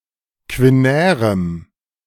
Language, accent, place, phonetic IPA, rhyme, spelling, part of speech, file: German, Germany, Berlin, [kvɪˈnɛːʁəm], -ɛːʁəm, quinärem, adjective, De-quinärem.ogg
- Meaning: strong dative masculine/neuter singular of quinär